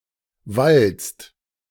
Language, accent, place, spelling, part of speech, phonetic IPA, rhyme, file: German, Germany, Berlin, wallst, verb, [valst], -alst, De-wallst.ogg
- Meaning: second-person singular present of wallen